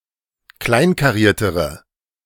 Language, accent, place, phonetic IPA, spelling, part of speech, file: German, Germany, Berlin, [ˈklaɪ̯nkaˌʁiːɐ̯təʁə], kleinkariertere, adjective, De-kleinkariertere.ogg
- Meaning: inflection of kleinkariert: 1. strong/mixed nominative/accusative feminine singular comparative degree 2. strong nominative/accusative plural comparative degree